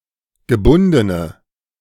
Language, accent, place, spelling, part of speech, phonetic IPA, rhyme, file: German, Germany, Berlin, gebundene, adjective, [ɡəˈbʊndənə], -ʊndənə, De-gebundene.ogg
- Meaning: inflection of gebunden: 1. strong/mixed nominative/accusative feminine singular 2. strong nominative/accusative plural 3. weak nominative all-gender singular